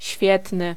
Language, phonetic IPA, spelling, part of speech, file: Polish, [ˈɕfʲjɛtnɨ], świetny, adjective, Pl-świetny.ogg